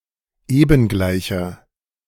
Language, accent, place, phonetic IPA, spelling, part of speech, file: German, Germany, Berlin, [ˈeːbn̩ˌɡlaɪ̯çɐ], ebengleicher, adjective, De-ebengleicher.ogg
- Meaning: inflection of ebengleich: 1. strong/mixed nominative masculine singular 2. strong genitive/dative feminine singular 3. strong genitive plural